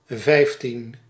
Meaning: fifteen
- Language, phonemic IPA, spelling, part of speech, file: Dutch, /ˈvɛi̯f.tin/, vijftien, numeral, Nl-vijftien.ogg